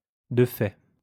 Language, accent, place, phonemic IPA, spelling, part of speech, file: French, France, Lyon, /də fɛ(t)/, de fait, prepositional phrase / adverb, LL-Q150 (fra)-de fait.wav
- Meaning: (prepositional phrase) de facto (according to actual practice); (adverb) indeed